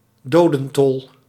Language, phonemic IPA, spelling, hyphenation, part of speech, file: Dutch, /ˈdoː.də(n)ˌtɔl/, dodentol, do‧den‧tol, noun, Nl-dodentol.ogg
- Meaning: death toll